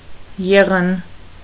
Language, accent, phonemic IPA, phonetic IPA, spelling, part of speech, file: Armenian, Eastern Armenian, /ˈjeʁən/, [jéʁən], եղն, noun, Hy-եղն.ogg
- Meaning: synonym of եղնիկ (eġnik)